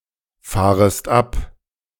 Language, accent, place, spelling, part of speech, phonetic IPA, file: German, Germany, Berlin, fahrest ab, verb, [ˌfaːʁəst ˈap], De-fahrest ab.ogg
- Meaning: second-person singular subjunctive I of abfahren